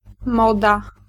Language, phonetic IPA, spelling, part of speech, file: Polish, [ˈmɔda], moda, noun, Pl-moda.ogg